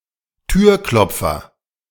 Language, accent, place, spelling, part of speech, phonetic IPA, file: German, Germany, Berlin, Türklopfer, noun, [ˈtyːɐ̯ˌklɔp͡fɐ], De-Türklopfer.ogg
- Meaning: door knocker